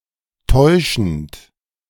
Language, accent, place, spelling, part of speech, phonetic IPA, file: German, Germany, Berlin, täuschend, verb, [ˈtɔɪ̯ʃn̩t], De-täuschend.ogg
- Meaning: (verb) present participle of täuschen; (adjective) deceptive